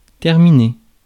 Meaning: 1. to end; to finish; to terminate 2. to end, to bring to an end, to finish 3. to end, to finish, to complete, to conclude
- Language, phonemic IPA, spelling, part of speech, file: French, /tɛʁ.mi.ne/, terminer, verb, Fr-terminer.ogg